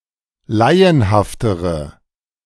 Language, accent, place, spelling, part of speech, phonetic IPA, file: German, Germany, Berlin, laienhaftere, adjective, [ˈlaɪ̯ənhaftəʁə], De-laienhaftere.ogg
- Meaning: inflection of laienhaft: 1. strong/mixed nominative/accusative feminine singular comparative degree 2. strong nominative/accusative plural comparative degree